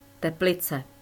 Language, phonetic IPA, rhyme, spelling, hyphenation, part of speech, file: Czech, [ˈtɛplɪt͡sɛ], -ɪtsɛ, Teplice, Te‧pli‧ce, proper noun, Cs Teplice.ogg
- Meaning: a spa town and city in the Czech Republic located on the Bílina river in northwestern Bohemia near the border with the German state of Saxony